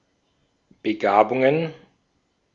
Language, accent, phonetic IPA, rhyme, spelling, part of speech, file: German, Austria, [bəˈɡaːbʊŋən], -aːbʊŋən, Begabungen, noun, De-at-Begabungen.ogg
- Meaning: plural of Begabung